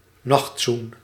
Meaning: a good-night kiss
- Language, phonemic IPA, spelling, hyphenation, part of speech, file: Dutch, /ˈnɑxt.sun/, nachtzoen, nacht‧zoen, noun, Nl-nachtzoen.ogg